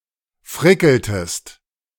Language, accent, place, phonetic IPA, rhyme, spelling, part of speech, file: German, Germany, Berlin, [ˈfʁɪkl̩təst], -ɪkl̩təst, frickeltest, verb, De-frickeltest.ogg
- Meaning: inflection of frickeln: 1. second-person singular preterite 2. second-person singular subjunctive II